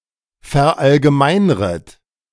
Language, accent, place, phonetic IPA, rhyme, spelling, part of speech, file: German, Germany, Berlin, [fɛɐ̯ˌʔalɡəˈmaɪ̯nʁət], -aɪ̯nʁət, verallgemeinret, verb, De-verallgemeinret.ogg
- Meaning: second-person plural subjunctive I of verallgemeinern